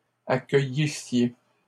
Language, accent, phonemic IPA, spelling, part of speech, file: French, Canada, /a.kœ.ji.sje/, accueillissiez, verb, LL-Q150 (fra)-accueillissiez.wav
- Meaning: second-person singular imperfect subjunctive of accueillir